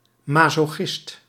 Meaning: 1. a masochist 2. a glutton for punishment
- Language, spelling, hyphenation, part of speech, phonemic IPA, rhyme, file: Dutch, masochist, ma‧so‧chist, noun, /ˌmaː.soːˈxɪst/, -ɪst, Nl-masochist.ogg